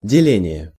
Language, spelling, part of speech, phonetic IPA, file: Russian, деление, noun, [dʲɪˈlʲenʲɪje], Ru-деление.ogg
- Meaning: 1. division, partition 2. point (on a scale)